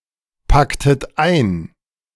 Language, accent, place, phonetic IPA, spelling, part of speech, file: German, Germany, Berlin, [ˌpaktət ˈaɪ̯n], packtet ein, verb, De-packtet ein.ogg
- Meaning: inflection of einpacken: 1. second-person plural preterite 2. second-person plural subjunctive II